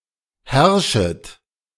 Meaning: second-person plural subjunctive I of herrschen
- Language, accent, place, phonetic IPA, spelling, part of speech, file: German, Germany, Berlin, [ˈhɛʁʃət], herrschet, verb, De-herrschet.ogg